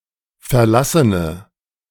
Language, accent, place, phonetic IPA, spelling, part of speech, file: German, Germany, Berlin, [fɛɐ̯ˈlasənə], verlassene, adjective, De-verlassene.ogg
- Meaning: inflection of verlassen: 1. strong/mixed nominative/accusative feminine singular 2. strong nominative/accusative plural 3. weak nominative all-gender singular